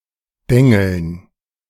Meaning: to peen
- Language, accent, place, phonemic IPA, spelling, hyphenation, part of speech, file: German, Germany, Berlin, /ˈdɛŋl̩n/, dengeln, den‧geln, verb, De-dengeln2.ogg